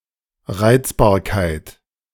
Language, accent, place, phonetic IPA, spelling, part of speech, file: German, Germany, Berlin, [ˈʁaɪ̯t͡sbaːɐ̯kaɪ̯t], Reizbarkeit, noun, De-Reizbarkeit.ogg
- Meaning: 1. irritability 2. fractiousness